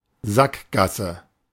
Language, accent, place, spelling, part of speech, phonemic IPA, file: German, Germany, Berlin, Sackgasse, noun, /ˈzakˌɡasə/, De-Sackgasse.ogg
- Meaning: 1. dead-end street; cul-de-sac 2. dead end (something that does not lead one to the intended result) 3. impasse (stagnation that one can only overcome by fundamentally changing one’s approach)